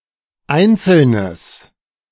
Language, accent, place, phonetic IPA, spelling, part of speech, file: German, Germany, Berlin, [ˈaɪ̯nt͡sl̩nəs], einzelnes, adjective, De-einzelnes.ogg
- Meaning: strong/mixed nominative/accusative neuter singular of einzeln